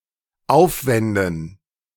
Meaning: dative plural of Aufwand
- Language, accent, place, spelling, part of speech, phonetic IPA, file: German, Germany, Berlin, Aufwänden, noun, [ˈaʊ̯fˌvɛndn̩], De-Aufwänden.ogg